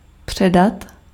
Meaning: 1. to hand over 2. to transmit
- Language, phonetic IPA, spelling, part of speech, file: Czech, [ˈpr̝̊ɛdat], předat, verb, Cs-předat.ogg